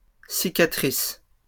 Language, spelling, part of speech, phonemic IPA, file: French, cicatrices, noun, /si.ka.tʁis/, LL-Q150 (fra)-cicatrices.wav
- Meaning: plural of cicatrice